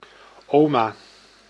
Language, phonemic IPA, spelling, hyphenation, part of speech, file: Dutch, /ˈoː.maː/, oma, oma, noun, Nl-oma.ogg
- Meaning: 1. grandma, granny, nan 2. any old woman